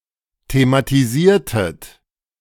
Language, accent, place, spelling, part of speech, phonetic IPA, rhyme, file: German, Germany, Berlin, thematisiertet, verb, [tematiˈziːɐ̯tət], -iːɐ̯tət, De-thematisiertet.ogg
- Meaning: inflection of thematisieren: 1. second-person plural preterite 2. second-person plural subjunctive II